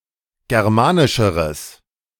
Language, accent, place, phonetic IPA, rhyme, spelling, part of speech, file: German, Germany, Berlin, [ˌɡɛʁˈmaːnɪʃəʁəs], -aːnɪʃəʁəs, germanischeres, adjective, De-germanischeres.ogg
- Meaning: strong/mixed nominative/accusative neuter singular comparative degree of germanisch